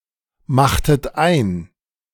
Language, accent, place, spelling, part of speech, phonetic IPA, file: German, Germany, Berlin, machtet ein, verb, [ˌmaxtət ˈaɪ̯n], De-machtet ein.ogg
- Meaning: inflection of einmachen: 1. second-person plural preterite 2. second-person plural subjunctive II